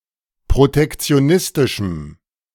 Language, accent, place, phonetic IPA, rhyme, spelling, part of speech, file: German, Germany, Berlin, [pʁotɛkt͡si̯oˈnɪstɪʃm̩], -ɪstɪʃm̩, protektionistischem, adjective, De-protektionistischem.ogg
- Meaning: strong dative masculine/neuter singular of protektionistisch